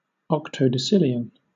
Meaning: 1. 10⁵⁷ 2. 10¹⁰⁸
- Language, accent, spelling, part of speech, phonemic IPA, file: English, Southern England, octodecillion, numeral, /ˌɒktoʊdəˈsɪl.i.ən/, LL-Q1860 (eng)-octodecillion.wav